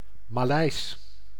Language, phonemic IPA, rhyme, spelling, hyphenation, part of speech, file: Dutch, /maːˈlɛi̯s/, -ɛi̯s, Maleis, Ma‧leis, adjective / proper noun, Nl-Maleis.ogg
- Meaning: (adjective) Malay, relating to people and/or language; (proper noun) the Malay language